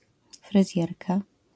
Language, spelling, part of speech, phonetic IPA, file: Polish, fryzjerka, noun, [frɨˈzʲjɛrka], LL-Q809 (pol)-fryzjerka.wav